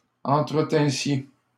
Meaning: second-person plural imperfect subjunctive of entretenir
- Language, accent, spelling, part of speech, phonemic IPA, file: French, Canada, entretinssiez, verb, /ɑ̃.tʁə.tɛ̃.sje/, LL-Q150 (fra)-entretinssiez.wav